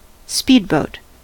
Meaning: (noun) 1. A fast boat, usually small (for 1-8 people) 2. A boat designed and built for racing 3. A boat used for waterskiing; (verb) To travel by speedboat
- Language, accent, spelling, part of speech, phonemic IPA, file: English, US, speedboat, noun / verb, /ˈspidˌboʊt/, En-us-speedboat.ogg